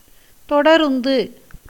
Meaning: train
- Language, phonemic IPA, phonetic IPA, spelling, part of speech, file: Tamil, /t̪oɖɐɾʊnd̪ɯ/, [t̪o̞ɖɐɾʊn̪d̪ɯ], தொடருந்து, noun, Ta-தொடருந்து.ogg